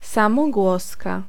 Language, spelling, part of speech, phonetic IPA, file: Polish, samogłoska, noun, [ˌsãmɔˈɡwɔska], Pl-samogłoska.ogg